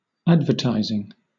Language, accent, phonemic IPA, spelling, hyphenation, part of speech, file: English, Southern England, /ˈædvəˌtaɪzɪŋ/, advertising, ad‧ver‧tis‧ing, noun / verb, LL-Q1860 (eng)-advertising.wav
- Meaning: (noun) 1. Communication whose purpose is to influence potential customers about products and services 2. The industry or profession made up of such communications